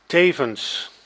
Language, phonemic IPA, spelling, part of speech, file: Dutch, /ˈtevə(n)s/, tevens, adverb, Nl-tevens.ogg
- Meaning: 1. at the same time 2. moreover, also